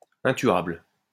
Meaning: unkillable
- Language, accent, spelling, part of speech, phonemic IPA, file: French, France, intuable, adjective, /ɛ̃.tɥabl/, LL-Q150 (fra)-intuable.wav